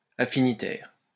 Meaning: 1. affinitive 2. peer
- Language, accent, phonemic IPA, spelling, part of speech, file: French, France, /a.fi.ni.tɛʁ/, affinitaire, adjective, LL-Q150 (fra)-affinitaire.wav